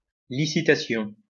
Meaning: auction, licitation
- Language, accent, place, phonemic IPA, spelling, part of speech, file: French, France, Lyon, /li.si.ta.sjɔ̃/, licitation, noun, LL-Q150 (fra)-licitation.wav